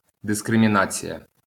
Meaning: discrimination (distinct treatment of an individual or group to their disadvantage)
- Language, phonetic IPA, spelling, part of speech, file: Ukrainian, [deskremʲiˈnat͡sʲijɐ], дискримінація, noun, LL-Q8798 (ukr)-дискримінація.wav